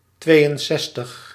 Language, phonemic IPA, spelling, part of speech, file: Dutch, /ˈtʋeːjənˌsɛstəx/, tweeënzestig, numeral, Nl-tweeënzestig.ogg
- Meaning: sixty-two